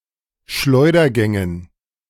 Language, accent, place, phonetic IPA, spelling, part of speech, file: German, Germany, Berlin, [ˈʃlɔɪ̯dɐˌɡɛŋən], Schleudergängen, noun, De-Schleudergängen.ogg
- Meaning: dative plural of Schleudergang